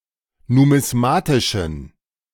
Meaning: inflection of numismatisch: 1. strong genitive masculine/neuter singular 2. weak/mixed genitive/dative all-gender singular 3. strong/weak/mixed accusative masculine singular 4. strong dative plural
- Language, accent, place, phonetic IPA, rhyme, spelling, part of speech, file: German, Germany, Berlin, [numɪsˈmaːtɪʃn̩], -aːtɪʃn̩, numismatischen, adjective, De-numismatischen.ogg